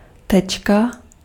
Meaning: 1. dot, point, spot 2. period, full stop (at the end of a sentence) 3. tittle (such as over i and j) 4. dot (diacritic), tečka
- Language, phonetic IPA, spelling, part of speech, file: Czech, [ˈtɛt͡ʃka], tečka, noun, Cs-tečka.ogg